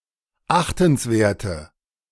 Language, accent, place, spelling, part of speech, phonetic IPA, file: German, Germany, Berlin, achtenswerte, adjective, [ˈaxtn̩sˌveːɐ̯tə], De-achtenswerte.ogg
- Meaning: inflection of achtenswert: 1. strong/mixed nominative/accusative feminine singular 2. strong nominative/accusative plural 3. weak nominative all-gender singular